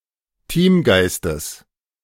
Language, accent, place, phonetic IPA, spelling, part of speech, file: German, Germany, Berlin, [ˈtiːmˌɡaɪ̯stəs], Teamgeistes, noun, De-Teamgeistes.ogg
- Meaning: genitive singular of Teamgeist